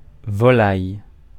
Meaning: 1. poultry 2. po-po, bacon (police) 3. a freshman in a military school 4. a thievish prostitute
- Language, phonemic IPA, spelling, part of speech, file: French, /vɔ.laj/, volaille, noun, Fr-volaille.ogg